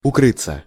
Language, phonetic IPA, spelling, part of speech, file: Russian, [ʊˈkrɨt͡sːə], укрыться, verb, Ru-укрыться.ogg
- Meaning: 1. to cover/wrap oneself 2. to seek shelter, to find/take shelter/cover, to take cover 3. to escape 4. passive of укры́ть (ukrýtʹ)